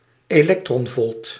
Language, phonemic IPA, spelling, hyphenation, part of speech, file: Dutch, /eːˈlɛk.trɔnˌvɔlt/, elektronvolt, elek‧tron‧volt, noun, Nl-elektronvolt.ogg
- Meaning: electron volt (1.6022 × 10⁻¹⁹ joules)